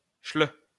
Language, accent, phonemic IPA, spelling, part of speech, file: French, France, /ʃlø/, chleuh, noun / adjective, LL-Q150 (fra)-chleuh.wav
- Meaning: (noun) 1. Tashelhit; one of the Berber languages 2. a German; a kraut; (adjective) 1. Shilha, Tashelhit 2. German